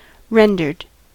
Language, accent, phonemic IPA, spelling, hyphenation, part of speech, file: English, US, /ˈɹɛn.dɚd/, rendered, ren‧dered, verb, En-us-rendered.ogg
- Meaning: simple past and past participle of render